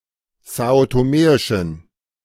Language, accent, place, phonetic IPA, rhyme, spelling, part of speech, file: German, Germany, Berlin, [ˌzaːotoˈmeːɪʃn̩], -eːɪʃn̩, são-toméischen, adjective, De-são-toméischen.ogg
- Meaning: inflection of são-toméisch: 1. strong genitive masculine/neuter singular 2. weak/mixed genitive/dative all-gender singular 3. strong/weak/mixed accusative masculine singular 4. strong dative plural